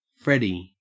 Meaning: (proper noun) A diminutive of the male given name Frederick; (noun) An employee of the United States Forest Service
- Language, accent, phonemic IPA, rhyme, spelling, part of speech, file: English, Australia, /ˈfɹɛdi/, -ɛdi, Freddie, proper noun / noun, En-au-Freddie.ogg